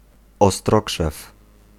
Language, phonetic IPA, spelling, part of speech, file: Polish, [ɔˈstrɔkʃɛf], ostrokrzew, noun, Pl-ostrokrzew.ogg